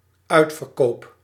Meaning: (noun) sale (a period of reduced prices); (verb) first-person singular dependent-clause present indicative of uitverkopen
- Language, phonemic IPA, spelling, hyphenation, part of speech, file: Dutch, /ˈœy̯t.fər.ˌkoː.p/, uitverkoop, uit‧ver‧koop, noun / verb, Nl-uitverkoop.ogg